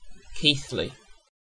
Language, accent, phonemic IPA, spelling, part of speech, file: English, UK, /ˈkiːθli/, Keighley, proper noun, En-uk-Keighley.ogg
- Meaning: 1. A town and civil parish with a town council in the Metropolitan Borough of Bradford, West Yorkshire, England (OS grid ref SE0641) 2. A habitational surname from Old English